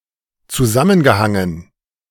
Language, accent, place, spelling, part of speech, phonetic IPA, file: German, Germany, Berlin, zusammengehangen, verb, [t͡suˈzamənɡəˌhaŋən], De-zusammengehangen.ogg
- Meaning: past participle of zusammenhängen